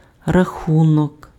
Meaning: 1. count 2. account 3. score 4. counting 5. bill, invoice (document stating the amount to be paid for goods or services provided)
- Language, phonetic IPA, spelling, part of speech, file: Ukrainian, [rɐˈxunɔk], рахунок, noun, Uk-рахунок.ogg